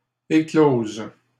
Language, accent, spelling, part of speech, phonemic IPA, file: French, Canada, éclosent, verb, /e.kloz/, LL-Q150 (fra)-éclosent.wav
- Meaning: third-person plural present indicative/subjunctive of éclore